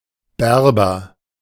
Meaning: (noun) Berber person; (proper noun) a surname
- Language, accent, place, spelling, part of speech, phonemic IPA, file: German, Germany, Berlin, Berber, noun / proper noun, /ˈbɛrbər/, De-Berber.ogg